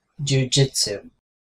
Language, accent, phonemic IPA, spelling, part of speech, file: English, US, /ˌd͡ʒuːˈd͡ʒɪtsuː/, jujitsu, noun / verb, En-us-jujitsu.ogg